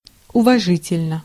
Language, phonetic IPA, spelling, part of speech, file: Russian, [ʊvɐˈʐɨtʲɪlʲnə], уважительно, adverb, Ru-уважительно.ogg
- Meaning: 1. respectfully 2. validly